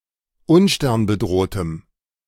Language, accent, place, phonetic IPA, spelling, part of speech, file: German, Germany, Berlin, [ˈʊnʃtɛʁnbəˌdʁoːtəm], unsternbedrohtem, adjective, De-unsternbedrohtem.ogg
- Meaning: strong dative masculine/neuter singular of unsternbedroht